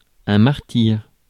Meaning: martyr
- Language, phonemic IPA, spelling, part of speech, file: French, /maʁ.tiʁ/, martyr, noun, Fr-martyr.ogg